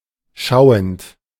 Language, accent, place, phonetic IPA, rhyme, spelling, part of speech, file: German, Germany, Berlin, [ˈʃaʊ̯ənt], -aʊ̯ənt, schauend, verb, De-schauend.ogg
- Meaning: present participle of schauen